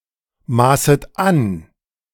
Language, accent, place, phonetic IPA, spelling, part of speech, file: German, Germany, Berlin, [ˌmaːsət ˈan], maßet an, verb, De-maßet an.ogg
- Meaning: second-person plural subjunctive I of anmaßen